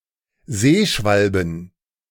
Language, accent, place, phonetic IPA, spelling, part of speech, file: German, Germany, Berlin, [ˈzeːˌʃvalbn̩], Seeschwalben, noun, De-Seeschwalben.ogg
- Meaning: plural of Seeschwalbe